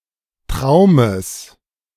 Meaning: genitive singular of Traum
- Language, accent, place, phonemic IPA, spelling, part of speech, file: German, Germany, Berlin, /ˈtʁaʊ̯məs/, Traumes, noun, De-Traumes.ogg